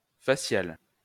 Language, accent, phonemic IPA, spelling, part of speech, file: French, France, /fa.sjal/, faciale, adjective, LL-Q150 (fra)-faciale.wav
- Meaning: feminine singular of facial